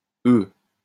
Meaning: 1. -ous, -y 2. forms nouns and adjectives with a humble or pejorative character
- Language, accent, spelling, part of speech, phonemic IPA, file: French, France, -eux, suffix, /ø/, LL-Q150 (fra)--eux.wav